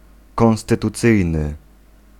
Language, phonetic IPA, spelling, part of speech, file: Polish, [ˌkɔ̃w̃stɨtuˈt͡sɨjnɨ], konstytucyjny, adjective, Pl-konstytucyjny.ogg